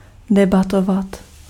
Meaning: to debate (participate in a debate)
- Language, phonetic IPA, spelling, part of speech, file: Czech, [ˈdɛbatovat], debatovat, verb, Cs-debatovat.ogg